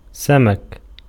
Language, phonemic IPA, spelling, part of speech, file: Arabic, /sa.mak/, سمك, noun, Ar-سمك.ogg
- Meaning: fish